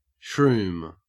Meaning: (noun) 1. A magic mushroom: a hallucinogenic fungus 2. Any mushroom; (verb) To take magic mushrooms
- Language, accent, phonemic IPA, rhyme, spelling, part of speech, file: English, Australia, /ʃɹuːm/, -uːm, shroom, noun / verb, En-au-shroom.ogg